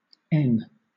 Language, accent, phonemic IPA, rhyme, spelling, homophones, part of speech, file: English, Southern England, /ɛn/, -ɛn, en, in / inn, noun, LL-Q1860 (eng)-en.wav
- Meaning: 1. The name of the Latin script letter N/n 2. A unit of measurement equal to half an em (half the height of the type in use)